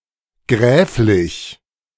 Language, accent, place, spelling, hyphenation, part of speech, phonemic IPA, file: German, Germany, Berlin, gräflich, gräf‧lich, adjective / adverb, /ˈɡʁɛːf.lɪç/, De-gräflich.ogg
- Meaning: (adjective) count's, earl's of a count or earl; comital (of, pertaining to or belonging to a count or earl); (adverb) lordly, like a count or earl